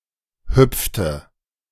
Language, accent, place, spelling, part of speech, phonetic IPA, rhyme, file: German, Germany, Berlin, hüpfte, verb, [ˈhʏp͡ftə], -ʏp͡ftə, De-hüpfte.ogg
- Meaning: inflection of hüpfen: 1. first/third-person singular preterite 2. first/third-person singular subjunctive II